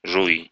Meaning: second-person singular imperative imperfective of жева́ть (ževátʹ)
- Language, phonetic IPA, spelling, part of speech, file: Russian, [ʐuj], жуй, verb, Ru-жуй.ogg